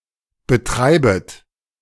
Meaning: second-person plural subjunctive I of betreiben
- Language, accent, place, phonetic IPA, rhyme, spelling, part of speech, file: German, Germany, Berlin, [bəˈtʁaɪ̯bət], -aɪ̯bət, betreibet, verb, De-betreibet.ogg